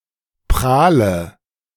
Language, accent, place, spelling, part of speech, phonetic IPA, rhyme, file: German, Germany, Berlin, prahle, verb, [ˈpʁaːlə], -aːlə, De-prahle.ogg
- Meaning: inflection of prahlen: 1. first-person singular present 2. first/third-person singular subjunctive I 3. singular imperative